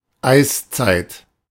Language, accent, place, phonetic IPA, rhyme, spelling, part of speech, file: German, Germany, Berlin, [ˈaɪ̯sˌt͡saɪ̯t], -aɪ̯st͡saɪ̯t, Eiszeit, noun, De-Eiszeit.ogg
- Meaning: ice age